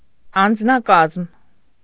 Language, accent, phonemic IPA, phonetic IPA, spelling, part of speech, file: Armenian, Eastern Armenian, /ɑnd͡znɑˈkɑzm/, [ɑnd͡znɑkɑ́zm], անձնակազմ, noun, Hy-անձնակազմ.ogg
- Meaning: personnel, staff, crew